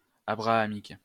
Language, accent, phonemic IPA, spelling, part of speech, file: French, France, /a.bʁa.a.mik/, abrahamique, adjective, LL-Q150 (fra)-abrahamique.wav
- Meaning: of the patriarch Abraham; Abrahamitic